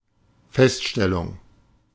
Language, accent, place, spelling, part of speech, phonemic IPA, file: German, Germany, Berlin, Feststellung, noun, /ˈfɛstˌʃtɛlʊŋ/, De-Feststellung.ogg
- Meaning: 1. finding, assessment, discovery 2. statement 3. determination